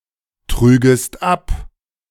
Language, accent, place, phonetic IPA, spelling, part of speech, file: German, Germany, Berlin, [ˌtʁyːɡəst ˈap], trügest ab, verb, De-trügest ab.ogg
- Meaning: second-person singular subjunctive II of abtragen